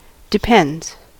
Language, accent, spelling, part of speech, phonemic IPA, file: English, US, depends, verb / interjection, /dɪˈpɛndz/, En-us-depends.ogg
- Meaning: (verb) third-person singular simple present indicative of depend; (interjection) Apheretic form of it depends; used to indicate more information is known but a simple answer cannot be given